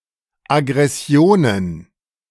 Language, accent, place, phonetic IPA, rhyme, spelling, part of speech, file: German, Germany, Berlin, [aɡʁɛˈsi̯oːnən], -oːnən, Aggressionen, noun, De-Aggressionen.ogg
- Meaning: plural of Aggression